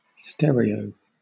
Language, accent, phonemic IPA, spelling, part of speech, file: English, Southern England, /ˈstɛ.ɹi.əʊ/, stereo, noun / adjective / verb, LL-Q1860 (eng)-stereo.wav